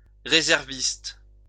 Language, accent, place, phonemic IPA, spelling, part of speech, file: French, France, Lyon, /ʁe.zɛʁ.vist/, réserviste, noun, LL-Q150 (fra)-réserviste.wav
- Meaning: reservist